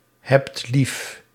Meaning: inflection of liefhebben: 1. second-person singular present indicative 2. plural imperative
- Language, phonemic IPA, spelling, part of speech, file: Dutch, /ɦɛpt/, hebt lief, verb, Nl-hebt lief.ogg